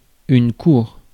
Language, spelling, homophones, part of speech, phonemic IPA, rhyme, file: French, cour, coure / courent / coures / courre / cours / court / courts, noun, /kuʁ/, -uʁ, Fr-cour.ogg
- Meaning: 1. courtyard, 2. backyard 3. court (of law) 4. court 5. following (of a celebrity etc.) 6. courtship